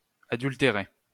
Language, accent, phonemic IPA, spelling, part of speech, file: French, France, /a.dyl.te.ʁe/, adultérer, verb, LL-Q150 (fra)-adultérer.wav
- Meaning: to falsify, to fake